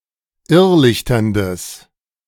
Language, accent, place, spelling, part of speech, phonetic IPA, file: German, Germany, Berlin, irrlichterndes, adjective, [ˈɪʁˌlɪçtɐndəs], De-irrlichterndes.ogg
- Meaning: strong/mixed nominative/accusative neuter singular of irrlichternd